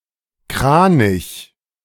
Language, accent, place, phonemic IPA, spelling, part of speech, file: German, Germany, Berlin, /ˈkʁaːnɪç/, Kranich, noun, De-Kranich.ogg
- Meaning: 1. crane (bird of the family Gruidae) 2. Grus (star constellation)